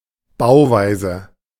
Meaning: design, construction (way something is built)
- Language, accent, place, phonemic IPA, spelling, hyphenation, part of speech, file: German, Germany, Berlin, /ˈbaʊ̯ˌvaɪ̯zə/, Bauweise, Bau‧wei‧se, noun, De-Bauweise.ogg